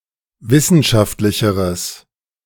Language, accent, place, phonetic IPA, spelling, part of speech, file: German, Germany, Berlin, [ˈvɪsn̩ʃaftlɪçəʁəs], wissenschaftlicheres, adjective, De-wissenschaftlicheres.ogg
- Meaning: strong/mixed nominative/accusative neuter singular comparative degree of wissenschaftlich